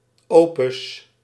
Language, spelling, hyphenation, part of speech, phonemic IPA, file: Dutch, opus, opus, noun, /ˈoː.pʏs/, Nl-opus.ogg
- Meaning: opus